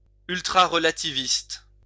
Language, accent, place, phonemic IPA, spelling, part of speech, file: French, France, Lyon, /yl.tʁa.ʁ(ə).la.ti.vist/, ultrarelativiste, adjective, LL-Q150 (fra)-ultrarelativiste.wav
- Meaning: ultrarelativistic